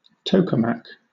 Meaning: A torus-shaped chamber used in nuclear fusion research in which plasma is magnetically confined
- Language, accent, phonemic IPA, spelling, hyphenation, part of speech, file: English, Southern England, /ˈtəʊkəmæk/, tokamak, to‧ka‧mak, noun, LL-Q1860 (eng)-tokamak.wav